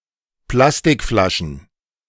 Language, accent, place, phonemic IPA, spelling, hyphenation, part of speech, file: German, Germany, Berlin, /ˈplastɪkˌflaʃn̩/, Plastikflaschen, Plas‧tik‧fla‧schen, noun, De-Plastikflaschen.ogg
- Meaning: plural of Plastikflasche